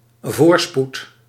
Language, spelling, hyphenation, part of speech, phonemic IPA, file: Dutch, voorspoed, voor‧spoed, noun, /ˈvoːr.sput/, Nl-voorspoed.ogg
- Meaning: prosperity